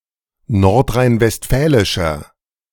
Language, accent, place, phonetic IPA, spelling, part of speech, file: German, Germany, Berlin, [ˌnɔʁtʁaɪ̯nvɛstˈfɛːlɪʃɐ], nordrhein-westfälischer, adjective, De-nordrhein-westfälischer.ogg
- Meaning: 1. comparative degree of nordrhein-westfälisch 2. inflection of nordrhein-westfälisch: strong/mixed nominative masculine singular